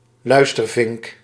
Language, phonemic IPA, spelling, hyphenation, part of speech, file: Dutch, /ˈlœy̯s.tərˌvɪŋk/, luistervink, luis‧ter‧vink, noun, Nl-luistervink.ogg
- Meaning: eavesdropper